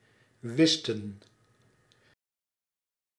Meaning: 1. inflection of weten: plural past indicative 2. inflection of weten: plural past subjunctive 3. inflection of wissen: plural past indicative 4. inflection of wissen: plural past subjunctive
- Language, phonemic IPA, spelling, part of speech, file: Dutch, /ˈʋɪs.tə(n)/, wisten, verb, Nl-wisten.ogg